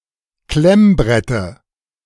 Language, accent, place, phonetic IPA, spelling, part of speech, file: German, Germany, Berlin, [ˈklɛmˌbʁɛtə], Klemmbrette, noun, De-Klemmbrette.ogg
- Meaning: dative singular of Klemmbrett